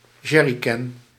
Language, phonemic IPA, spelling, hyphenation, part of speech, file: Dutch, /ˈʒɛriˌkɛn/, jerrycan, jer‧ry‧can, noun, Nl-jerrycan.ogg
- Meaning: a jerrycan or similar container, used for fuel or other liquids (especially drinking water) and made of plastic or metal